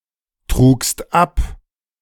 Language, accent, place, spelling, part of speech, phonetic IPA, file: German, Germany, Berlin, trugst ab, verb, [tʁuːkst ˈap], De-trugst ab.ogg
- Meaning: second-person singular preterite of abtragen